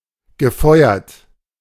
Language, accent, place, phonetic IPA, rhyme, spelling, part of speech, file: German, Germany, Berlin, [ɡəˈfɔɪ̯ɐt], -ɔɪ̯ɐt, gefeuert, verb, De-gefeuert.ogg
- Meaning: past participle of feuern